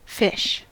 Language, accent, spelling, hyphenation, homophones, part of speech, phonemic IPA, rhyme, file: English, General American, fish, fish, phish / ghoti, noun / verb, /fɪʃ/, -ɪʃ, En-us-fish.ogg
- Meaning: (noun) A typically cold-blooded vertebrate animal that lives in water, moving with the help of fins and breathing with gills; any vertebrate that is not a tetrapod